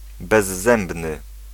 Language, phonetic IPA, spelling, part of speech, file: Polish, [bɛzˈːɛ̃mbnɨ], bezzębny, adjective, Pl-bezzębny.ogg